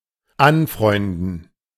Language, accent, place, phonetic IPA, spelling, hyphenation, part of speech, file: German, Germany, Berlin, [ˈanˌfʁɔɪ̯ndn̩], anfreunden, an‧freun‧den, verb, De-anfreunden.ogg
- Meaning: 1. to make friends, to befriend 2. to get used